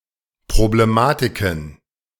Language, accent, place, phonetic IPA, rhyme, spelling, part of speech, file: German, Germany, Berlin, [pʁobleˈmaːtɪkn̩], -aːtɪkn̩, Problematiken, noun, De-Problematiken.ogg
- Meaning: plural of Problematik